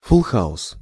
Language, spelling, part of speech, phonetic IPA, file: Russian, фулл-хаус, noun, [fuɫ ˈxaʊs], Ru-фулл-хаус.ogg
- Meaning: full house